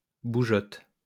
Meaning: wanderlust; itchy feet
- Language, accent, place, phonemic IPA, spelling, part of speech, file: French, France, Lyon, /bu.ʒɔt/, bougeotte, noun, LL-Q150 (fra)-bougeotte.wav